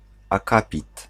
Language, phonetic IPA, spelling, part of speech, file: Polish, [aˈkapʲit], akapit, noun, Pl-akapit.ogg